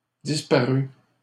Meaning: third-person singular imperfect subjunctive of disparaître
- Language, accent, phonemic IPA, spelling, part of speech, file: French, Canada, /dis.pa.ʁy/, disparût, verb, LL-Q150 (fra)-disparût.wav